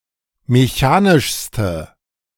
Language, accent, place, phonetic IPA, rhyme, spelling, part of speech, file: German, Germany, Berlin, [meˈçaːnɪʃstə], -aːnɪʃstə, mechanischste, adjective, De-mechanischste.ogg
- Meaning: inflection of mechanisch: 1. strong/mixed nominative/accusative feminine singular superlative degree 2. strong nominative/accusative plural superlative degree